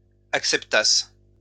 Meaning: second-person singular imperfect subjunctive of accepter
- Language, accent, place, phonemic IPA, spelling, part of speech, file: French, France, Lyon, /ak.sɛp.tas/, acceptasses, verb, LL-Q150 (fra)-acceptasses.wav